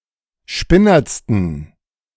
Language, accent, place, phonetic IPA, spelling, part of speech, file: German, Germany, Berlin, [ˈʃpɪnɐt͡stn̩], spinnertsten, adjective, De-spinnertsten.ogg
- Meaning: 1. superlative degree of spinnert 2. inflection of spinnert: strong genitive masculine/neuter singular superlative degree